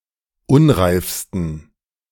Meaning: 1. superlative degree of unreif 2. inflection of unreif: strong genitive masculine/neuter singular superlative degree
- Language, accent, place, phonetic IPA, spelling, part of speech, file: German, Germany, Berlin, [ˈʊnʁaɪ̯fstn̩], unreifsten, adjective, De-unreifsten.ogg